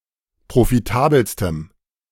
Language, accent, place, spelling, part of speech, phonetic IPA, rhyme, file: German, Germany, Berlin, profitabelstem, adjective, [pʁofiˈtaːbl̩stəm], -aːbl̩stəm, De-profitabelstem.ogg
- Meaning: strong dative masculine/neuter singular superlative degree of profitabel